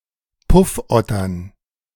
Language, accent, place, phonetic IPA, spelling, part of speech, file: German, Germany, Berlin, [ˈpʊfˌʔɔtɐn], Puffottern, noun, De-Puffottern.ogg
- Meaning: plural of Puffotter